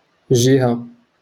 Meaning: 1. side, way 2. administrative region
- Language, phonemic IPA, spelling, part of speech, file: Moroccan Arabic, /ʒi.ha/, جهة, noun, LL-Q56426 (ary)-جهة.wav